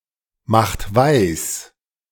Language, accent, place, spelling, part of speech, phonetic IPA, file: German, Germany, Berlin, macht weis, verb, [ˌmaxt ˈvaɪ̯s], De-macht weis.ogg
- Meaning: inflection of weismachen: 1. second-person plural present 2. third-person singular present 3. plural imperative